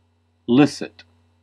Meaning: 1. Unforbidden; permitted 2. Explicitly established or constituted by law
- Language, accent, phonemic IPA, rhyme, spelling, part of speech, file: English, US, /ˈlɪs.ɪt/, -ɪsɪt, licit, adjective, En-us-licit.ogg